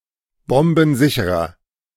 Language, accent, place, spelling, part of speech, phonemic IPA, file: German, Germany, Berlin, bombensicherer, adjective, /ˈbɔmbn̩ˌzɪçəʁɐ/, De-bombensicherer.ogg
- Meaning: inflection of bombensicher: 1. strong/mixed nominative masculine singular 2. strong genitive/dative feminine singular 3. strong genitive plural